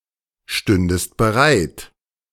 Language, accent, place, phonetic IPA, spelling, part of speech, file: German, Germany, Berlin, [ˌʃtʏndəst bəˈʁaɪ̯t], stündest bereit, verb, De-stündest bereit.ogg
- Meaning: second-person singular subjunctive II of bereitstehen